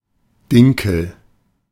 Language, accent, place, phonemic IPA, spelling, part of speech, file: German, Germany, Berlin, /ˈdɪŋkl̩/, Dinkel, noun, De-Dinkel.ogg
- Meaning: spelt (a type of wheat, Triticum spelta)